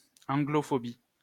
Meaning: Anglophobia
- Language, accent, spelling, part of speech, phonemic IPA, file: French, France, anglophobie, noun, /ɑ̃.ɡlɔ.fɔ.bi/, LL-Q150 (fra)-anglophobie.wav